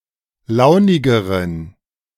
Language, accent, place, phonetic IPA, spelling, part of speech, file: German, Germany, Berlin, [ˈlaʊ̯nɪɡəʁən], launigeren, adjective, De-launigeren.ogg
- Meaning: inflection of launig: 1. strong genitive masculine/neuter singular comparative degree 2. weak/mixed genitive/dative all-gender singular comparative degree